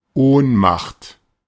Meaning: 1. faint, fainting 2. powerlessness, helplessness
- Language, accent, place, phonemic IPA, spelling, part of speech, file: German, Germany, Berlin, /ˈoːnˌmaχt/, Ohnmacht, noun, De-Ohnmacht.ogg